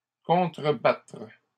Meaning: 1. to counter (especially to fire on enemy artillery positions) 2. to get back at, hit back
- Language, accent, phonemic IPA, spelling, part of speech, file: French, Canada, /kɔ̃.tʁə.batʁ/, contrebattre, verb, LL-Q150 (fra)-contrebattre.wav